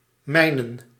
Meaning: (verb) 1. to mine (to excavate mineral resources) 2. to sap, to mine (to undermine the enemy with tunnelling and explosives); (noun) plural of mijn; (pronoun) personal plural of mijne
- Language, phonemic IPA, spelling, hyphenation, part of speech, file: Dutch, /ˈmɛi̯.nə(n)/, mijnen, mij‧nen, verb / noun / pronoun / determiner, Nl-mijnen.ogg